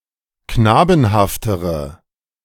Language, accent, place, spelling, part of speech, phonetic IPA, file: German, Germany, Berlin, knabenhaftere, adjective, [ˈknaːbn̩haftəʁə], De-knabenhaftere.ogg
- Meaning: inflection of knabenhaft: 1. strong/mixed nominative/accusative feminine singular comparative degree 2. strong nominative/accusative plural comparative degree